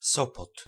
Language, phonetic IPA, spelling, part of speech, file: Polish, [ˈsɔpɔt], Sopot, proper noun, Pl-Sopot.ogg